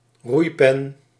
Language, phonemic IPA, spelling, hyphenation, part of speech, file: Dutch, /ˈrui̯.pɛn/, roeipen, roei‧pen, noun, Nl-roeipen.ogg
- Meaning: thole (pin for keeping an oar in place)